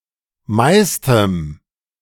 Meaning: 1. strong dative masculine/neuter singular superlative degree of viel 2. strong dative masculine/neuter singular of meist
- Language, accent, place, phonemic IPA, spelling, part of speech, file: German, Germany, Berlin, /ˈmaɪ̯stəm/, meistem, adjective, De-meistem.ogg